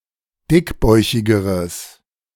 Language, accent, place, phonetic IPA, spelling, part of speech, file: German, Germany, Berlin, [ˈdɪkˌbɔɪ̯çɪɡəʁəs], dickbäuchigeres, adjective, De-dickbäuchigeres.ogg
- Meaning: strong/mixed nominative/accusative neuter singular comparative degree of dickbäuchig